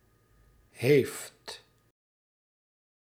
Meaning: 1. third-person singular present indicative of hebben; has 2. second-person (u) singular present indicative of hebben; have
- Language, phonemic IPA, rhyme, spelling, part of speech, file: Dutch, /ɦeːft/, -eːft, heeft, verb, Nl-heeft.ogg